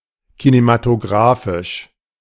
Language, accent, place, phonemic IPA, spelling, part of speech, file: German, Germany, Berlin, /kinematoˈɡʁaːfɪʃ/, kinematographisch, adjective, De-kinematographisch.ogg
- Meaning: cinematographic